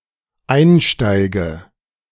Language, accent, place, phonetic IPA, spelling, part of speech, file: German, Germany, Berlin, [ˈaɪ̯nˌʃtaɪ̯ɡə], einsteige, verb, De-einsteige.ogg
- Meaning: inflection of einsteigen: 1. first-person singular dependent present 2. first/third-person singular dependent subjunctive I